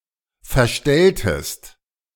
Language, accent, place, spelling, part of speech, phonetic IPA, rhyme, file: German, Germany, Berlin, verstelltest, verb, [fɛɐ̯ˈʃtɛltəst], -ɛltəst, De-verstelltest.ogg
- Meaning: inflection of verstellen: 1. second-person singular preterite 2. second-person singular subjunctive II